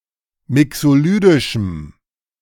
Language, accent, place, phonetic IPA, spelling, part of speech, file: German, Germany, Berlin, [ˈmɪksoˌlyːdɪʃm̩], mixolydischem, adjective, De-mixolydischem.ogg
- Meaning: strong dative masculine/neuter singular of mixolydisch